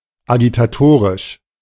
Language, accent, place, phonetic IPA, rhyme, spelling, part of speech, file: German, Germany, Berlin, [aɡitaˈtoːʁɪʃ], -oːʁɪʃ, agitatorisch, adjective, De-agitatorisch.ogg
- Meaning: agitating, agitatorial, rabble-rousing